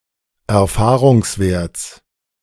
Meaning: genitive singular of Erfahrungswert
- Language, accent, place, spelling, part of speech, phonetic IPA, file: German, Germany, Berlin, Erfahrungswerts, noun, [ɛɐ̯ˈfaːʁʊŋsˌveːɐ̯t͡s], De-Erfahrungswerts.ogg